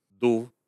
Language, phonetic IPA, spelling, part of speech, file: Russian, [duf], дув, verb, Ru-дув.ogg
- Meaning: short past adverbial imperfective participle of дуть (dutʹ)